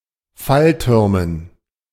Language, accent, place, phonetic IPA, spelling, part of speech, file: German, Germany, Berlin, [ˈfalˌtʏʁmən], Falltürmen, noun, De-Falltürmen.ogg
- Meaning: dative plural of Fallturm